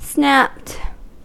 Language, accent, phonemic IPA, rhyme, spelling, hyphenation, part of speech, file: English, US, /snæpt/, -æpt, snapped, snapped, verb, En-us-snapped.ogg
- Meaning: simple past and past participle of snap